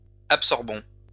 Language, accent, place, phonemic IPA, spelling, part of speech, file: French, France, Lyon, /ap.sɔʁ.bɔ̃/, absorbons, verb, LL-Q150 (fra)-absorbons.wav
- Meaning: inflection of absorber: 1. first-person plural present indicative 2. first-person plural imperative